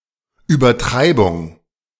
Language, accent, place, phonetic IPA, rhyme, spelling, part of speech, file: German, Germany, Berlin, [yːbɐˈtʁaɪ̯bʊŋ], -aɪ̯bʊŋ, Übertreibung, noun, De-Übertreibung.ogg
- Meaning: exaggeration